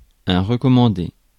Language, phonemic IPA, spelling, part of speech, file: French, /ʁə.kɔ.mɑ̃.de/, recommandé, verb / adjective / noun, Fr-recommandé.ogg
- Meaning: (verb) past participle of recommander; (adjective) 1. recommended 2. registered; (noun) ellipsis of courrier recommandé: recorded delivery, registered mail